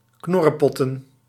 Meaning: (noun) plural of knorrepot; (verb) to grumble, to grouch
- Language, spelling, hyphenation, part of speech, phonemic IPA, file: Dutch, knorrepotten, knor‧re‧pot‧ten, noun / verb, /ˈknɔ.rə.pɔ.tə(n)/, Nl-knorrepotten.ogg